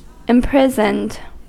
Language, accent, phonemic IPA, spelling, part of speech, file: English, US, /ɪmˈpɹɪzənd/, imprisoned, verb, En-us-imprisoned.ogg
- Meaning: simple past and past participle of imprison